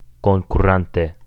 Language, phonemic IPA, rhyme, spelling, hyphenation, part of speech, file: Esperanto, /kon.kuˈran.te/, -ante, konkurante, kon‧ku‧ran‧te, adverb, Eo-konkurante.ogg
- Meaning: present adverbial active participle of konkuri